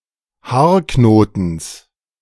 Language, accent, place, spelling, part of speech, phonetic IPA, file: German, Germany, Berlin, Haarknotens, noun, [ˈhaːɐ̯ˌknoːtn̩s], De-Haarknotens.ogg
- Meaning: genitive singular of Haarknoten